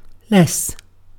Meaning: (adverb) 1. comparative degree of little 2. Used for constructing syntactic diminutive comparatives of adjectives and adverbs 3. To a smaller extent or degree
- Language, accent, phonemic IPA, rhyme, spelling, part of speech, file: English, UK, /lɛs/, -ɛs, less, adverb / determiner / preposition / verb / adjective / noun / conjunction, En-uk-less.ogg